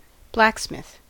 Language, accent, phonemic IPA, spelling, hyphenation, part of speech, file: English, US, /ˈblæk.smɪθ/, blacksmith, black‧smith, noun / verb, En-us-blacksmith.ogg
- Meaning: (noun) 1. A person who forges iron 2. A person who shoes horses 3. A blackish fish of the Pacific coast (Chromis punctipinnis); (verb) To work as a blacksmith